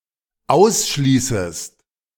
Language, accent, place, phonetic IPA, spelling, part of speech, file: German, Germany, Berlin, [ˈaʊ̯sˌʃliːsəst], ausschließest, verb, De-ausschließest.ogg
- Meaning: second-person singular dependent subjunctive I of ausschließen